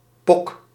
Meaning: pock, pimple
- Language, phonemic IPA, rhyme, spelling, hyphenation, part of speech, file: Dutch, /pɔk/, -ɔk, pok, pok, noun, Nl-pok.ogg